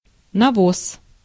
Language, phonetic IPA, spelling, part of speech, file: Russian, [nɐˈvos], навоз, noun, Ru-навоз.ogg
- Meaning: dung, manure